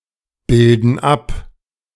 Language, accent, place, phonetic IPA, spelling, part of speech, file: German, Germany, Berlin, [ˌbɪldn̩ ˈap], bilden ab, verb, De-bilden ab.ogg
- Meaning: inflection of abbilden: 1. first/third-person plural present 2. first/third-person plural subjunctive I